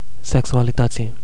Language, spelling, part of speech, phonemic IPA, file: Romanian, sexualității, noun, /seksualiˈtətsi/, Ro-sexualității.ogg
- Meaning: definite genitive/dative singular of sexualitate